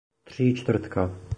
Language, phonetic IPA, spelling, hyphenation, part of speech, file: Czech, [ˈtr̝̊iːt͡ʃtvr̩tka], tříčtvrtka, tří‧čtvrt‧ka, noun, Cs-tříčtvrtka.oga
- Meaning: 1. center 2. position of center 3. three-quarter brick